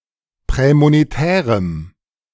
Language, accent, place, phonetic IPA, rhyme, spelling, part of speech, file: German, Germany, Berlin, [ˌpʁɛːmoneˈtɛːʁəm], -ɛːʁəm, prämonetärem, adjective, De-prämonetärem.ogg
- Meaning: strong dative masculine/neuter singular of prämonetär